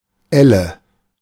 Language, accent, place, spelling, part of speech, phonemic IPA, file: German, Germany, Berlin, Elle, noun, /ˈɛlə/, De-Elle.ogg
- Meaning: 1. ulna (bone of the forearm) 2. ell (historic unit of length)